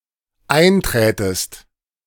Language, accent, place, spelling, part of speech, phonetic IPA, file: German, Germany, Berlin, einträtest, verb, [ˈaɪ̯nˌtʁɛːtəst], De-einträtest.ogg
- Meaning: second-person singular dependent subjunctive II of eintreten